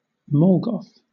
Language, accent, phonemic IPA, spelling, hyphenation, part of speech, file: English, Southern England, /ˈmɔːlɡɒθ/, mallgoth, mall‧goth, noun, LL-Q1860 (eng)-mallgoth.wav
- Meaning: Originally (derogatory), an inauthentic or trendy goth; now, a person who dresses in goth-inspired clothes, is interested in industrial metal and nu metal music, etc